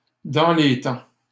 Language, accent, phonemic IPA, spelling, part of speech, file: French, Canada, /dɑ̃ le tɑ̃/, dans les temps, prepositional phrase, LL-Q150 (fra)-dans les temps.wav
- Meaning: in time, on time, on schedule (within the prescribed time limit)